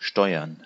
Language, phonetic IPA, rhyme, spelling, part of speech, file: German, [ˈʃtɔɪ̯ɐn], -ɔɪ̯ɐn, Steuern, noun, De-Steuern.ogg
- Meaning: 1. plural of Steuer 2. gerund of steuern